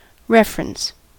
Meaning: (noun) 1. A relationship or relation (to something) 2. A measurement one can compare (some other measurement) to
- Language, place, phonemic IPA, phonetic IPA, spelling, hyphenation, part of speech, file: English, California, /ˈɹɛf.(ə.)ɹəns/, [ˈɹɛf.ɹn̩s], reference, ref‧er‧ence, noun / verb, En-us-reference.ogg